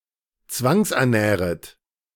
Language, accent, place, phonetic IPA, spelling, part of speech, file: German, Germany, Berlin, [ˈt͡svaŋsʔɛɐ̯ˌnɛːʁət], zwangsernähret, verb, De-zwangsernähret.ogg
- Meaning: second-person plural subjunctive I of zwangsernähren